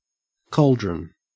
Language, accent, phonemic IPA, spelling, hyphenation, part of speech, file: English, Australia, /ˈkɔːl.dɹən/, cauldron, caul‧dron, noun, En-au-cauldron.ogg
- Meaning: 1. A large bowl-shaped pot used for boiling over an open flame 2. A type of encirclement 3. An unsettled or difficult situation or place